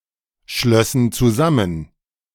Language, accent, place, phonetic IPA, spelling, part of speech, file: German, Germany, Berlin, [ˌʃlœsn̩ t͡suˈzamən], schlössen zusammen, verb, De-schlössen zusammen.ogg
- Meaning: first/third-person plural subjunctive II of zusammenschließen